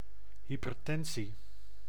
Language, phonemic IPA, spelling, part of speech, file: Dutch, /ˌhipərˈtɛnsi/, hypertensie, noun, Nl-hypertensie.ogg
- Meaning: hypertension, (abnormally) high blood pressure